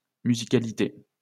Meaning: musicality
- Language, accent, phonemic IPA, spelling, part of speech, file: French, France, /my.zi.ka.li.te/, musicalité, noun, LL-Q150 (fra)-musicalité.wav